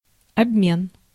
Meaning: exchange
- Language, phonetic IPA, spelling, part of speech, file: Russian, [ɐbˈmʲen], обмен, noun, Ru-обмен.ogg